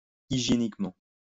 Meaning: hygienically
- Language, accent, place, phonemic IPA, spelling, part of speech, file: French, France, Lyon, /i.ʒje.nik.mɑ̃/, hygiéniquement, adverb, LL-Q150 (fra)-hygiéniquement.wav